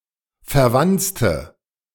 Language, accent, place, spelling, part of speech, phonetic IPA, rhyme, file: German, Germany, Berlin, verwanzte, adjective / verb, [fɛɐ̯ˈvant͡stə], -ant͡stə, De-verwanzte.ogg
- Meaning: inflection of verwanzen: 1. first/third-person singular preterite 2. first/third-person singular subjunctive II